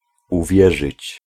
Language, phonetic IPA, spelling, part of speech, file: Polish, [uˈvʲjɛʒɨt͡ɕ], uwierzyć, verb, Pl-uwierzyć.ogg